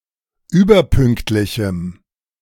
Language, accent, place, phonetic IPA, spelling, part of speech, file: German, Germany, Berlin, [ˈyːbɐˌpʏŋktlɪçm̩], überpünktlichem, adjective, De-überpünktlichem.ogg
- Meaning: strong dative masculine/neuter singular of überpünktlich